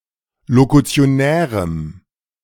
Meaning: strong dative masculine/neuter singular of lokutionär
- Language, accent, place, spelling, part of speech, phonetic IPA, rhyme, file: German, Germany, Berlin, lokutionärem, adjective, [lokut͡si̯oˈnɛːʁəm], -ɛːʁəm, De-lokutionärem.ogg